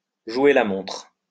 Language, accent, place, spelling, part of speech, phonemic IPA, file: French, France, Lyon, jouer la montre, verb, /ʒwe la mɔ̃tʁ/, LL-Q150 (fra)-jouer la montre.wav
- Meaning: to run out the clock, to play for time, to play the waiting game, to use delaying tactics, to stall